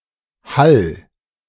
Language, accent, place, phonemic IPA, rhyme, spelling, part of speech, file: German, Germany, Berlin, /hal/, -al, hall, verb, De-hall.ogg
- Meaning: 1. singular imperative of hallen 2. first-person singular present of hallen